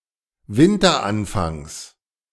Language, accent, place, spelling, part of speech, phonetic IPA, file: German, Germany, Berlin, Winteranfangs, noun, [ˈvɪntɐˌʔanfaŋs], De-Winteranfangs.ogg
- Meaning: genitive singular of Winteranfang